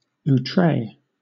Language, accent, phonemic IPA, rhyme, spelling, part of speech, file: English, Southern England, /uˈtɹeɪ/, -eɪ, outré, adjective, LL-Q1860 (eng)-outré.wav
- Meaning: 1. Beyond what is customary or proper; extravagant 2. Very unconventional